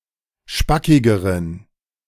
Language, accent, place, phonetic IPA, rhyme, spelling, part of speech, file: German, Germany, Berlin, [ˈʃpakɪɡəʁən], -akɪɡəʁən, spackigeren, adjective, De-spackigeren.ogg
- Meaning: inflection of spackig: 1. strong genitive masculine/neuter singular comparative degree 2. weak/mixed genitive/dative all-gender singular comparative degree